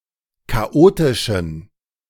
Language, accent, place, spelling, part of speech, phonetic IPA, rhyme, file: German, Germany, Berlin, chaotischen, adjective, [kaˈʔoːtɪʃn̩], -oːtɪʃn̩, De-chaotischen.ogg
- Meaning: inflection of chaotisch: 1. strong genitive masculine/neuter singular 2. weak/mixed genitive/dative all-gender singular 3. strong/weak/mixed accusative masculine singular 4. strong dative plural